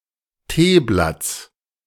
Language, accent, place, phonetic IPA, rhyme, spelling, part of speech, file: German, Germany, Berlin, [ˈteːˌblat͡s], -eːblat͡s, Teeblatts, noun, De-Teeblatts.ogg
- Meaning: genitive of Teeblatt